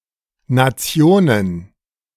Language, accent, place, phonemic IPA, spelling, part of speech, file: German, Germany, Berlin, /naˈtsi̯oːnən/, Nationen, noun, De-Nationen.ogg
- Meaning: plural of Nation